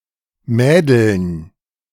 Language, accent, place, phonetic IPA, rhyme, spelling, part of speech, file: German, Germany, Berlin, [ˈmɛːdl̩n], -ɛːdl̩n, Mädeln, noun, De-Mädeln.ogg
- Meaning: plural of Mädel